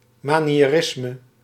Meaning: 1. Mannerism (artistic style and movement during the late Renaissance) 2. any artificial style of art informed by the imitation of exemplars
- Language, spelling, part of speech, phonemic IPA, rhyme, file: Dutch, maniërisme, noun, /ˌmaː.ni.eːˈrɪs.mə/, -ɪsmə, Nl-maniërisme.ogg